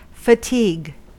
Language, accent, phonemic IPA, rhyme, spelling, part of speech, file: English, US, /fəˈtiːɡ/, -iːɡ, fatigue, noun / verb, En-us-fatigue.ogg
- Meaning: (noun) 1. A weariness caused by exertion; exhaustion 2. A menial task or tasks, especially in the military